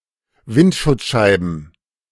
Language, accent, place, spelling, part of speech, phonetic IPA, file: German, Germany, Berlin, Windschutzscheiben, noun, [ˈvɪntʃʊt͡sˌʃaɪ̯bn̩], De-Windschutzscheiben.ogg
- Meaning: plural of Windschutzscheibe